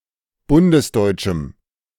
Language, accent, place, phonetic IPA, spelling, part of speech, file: German, Germany, Berlin, [ˈbʊndəsˌdɔɪ̯t͡ʃm̩], bundesdeutschem, adjective, De-bundesdeutschem.ogg
- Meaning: strong dative masculine/neuter singular of bundesdeutsch